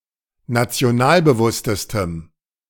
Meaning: strong dative masculine/neuter singular superlative degree of nationalbewusst
- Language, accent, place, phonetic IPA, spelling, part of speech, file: German, Germany, Berlin, [nat͡si̯oˈnaːlbəˌvʊstəstəm], nationalbewusstestem, adjective, De-nationalbewusstestem.ogg